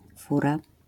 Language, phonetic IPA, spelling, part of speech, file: Polish, [ˈfura], fura, noun, LL-Q809 (pol)-fura.wav